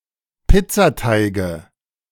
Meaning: nominative/accusative/genitive plural of Pizzateig
- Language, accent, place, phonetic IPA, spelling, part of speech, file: German, Germany, Berlin, [ˈpɪt͡saˌtaɪ̯ɡə], Pizzateige, noun, De-Pizzateige.ogg